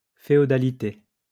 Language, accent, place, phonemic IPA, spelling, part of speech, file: French, France, Lyon, /fe.ɔ.da.li.te/, féodalité, noun, LL-Q150 (fra)-féodalité.wav
- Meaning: feudalism, feudality